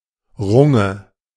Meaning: stanchion (vertical stake on a wagon used to fix the load)
- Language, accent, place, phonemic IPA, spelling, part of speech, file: German, Germany, Berlin, /ˈʁʊŋə/, Runge, noun, De-Runge.ogg